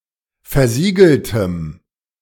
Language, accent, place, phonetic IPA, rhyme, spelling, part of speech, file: German, Germany, Berlin, [fɛɐ̯ˈziːɡl̩təm], -iːɡl̩təm, versiegeltem, adjective, De-versiegeltem.ogg
- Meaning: strong dative masculine/neuter singular of versiegelt